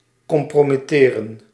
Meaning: to compromise
- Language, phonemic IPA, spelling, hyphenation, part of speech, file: Dutch, /ˌkɔmproːmiˈteːrə(n)/, compromitteren, com‧pro‧mit‧te‧ren, verb, Nl-compromitteren.ogg